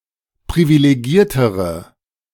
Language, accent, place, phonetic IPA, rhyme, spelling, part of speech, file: German, Germany, Berlin, [pʁivileˈɡiːɐ̯təʁə], -iːɐ̯təʁə, privilegiertere, adjective, De-privilegiertere.ogg
- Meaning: inflection of privilegiert: 1. strong/mixed nominative/accusative feminine singular comparative degree 2. strong nominative/accusative plural comparative degree